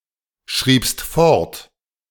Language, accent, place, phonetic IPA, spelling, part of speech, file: German, Germany, Berlin, [ˌʃʁiːpst ˈfɔʁt], schriebst fort, verb, De-schriebst fort.ogg
- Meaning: second-person singular preterite of fortschreiben